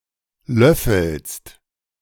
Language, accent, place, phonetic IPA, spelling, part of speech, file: German, Germany, Berlin, [ˈlœfl̩st], löffelst, verb, De-löffelst.ogg
- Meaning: second-person singular present of löffeln